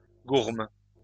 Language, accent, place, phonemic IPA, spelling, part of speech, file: French, France, Lyon, /ɡuʁm/, gourme, noun, LL-Q150 (fra)-gourme.wav
- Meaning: strangles, equine distemper (disease of horses caused by an infection by the bacterium Streptococcus equi)